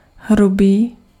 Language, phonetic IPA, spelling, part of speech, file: Czech, [ˈɦrubiː], hrubý, adjective, Cs-hrubý.ogg
- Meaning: 1. rough, harsh (not smooth) 2. rough, coarse (composed of large particles) 3. rough (approximate) 4. rough, impolite (of manners)